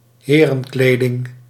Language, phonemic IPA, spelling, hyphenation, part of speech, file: Dutch, /ˈɦeː.rə(n)ˌkleː.dɪŋ/, herenkleding, he‧ren‧kle‧ding, noun, Nl-herenkleding.ogg
- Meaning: men's wear, men's clothes